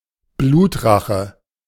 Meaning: blood vengeance (the act of taking revenge on behalf of a killed person)
- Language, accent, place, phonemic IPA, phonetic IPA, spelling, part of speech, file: German, Germany, Berlin, /ˈbluːtˌraxə/, [ˈbluːtˌʁaχə], Blutrache, noun, De-Blutrache.ogg